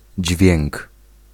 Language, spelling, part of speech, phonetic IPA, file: Polish, dźwięk, noun, [d͡ʑvʲjɛ̃ŋk], Pl-dźwięk.ogg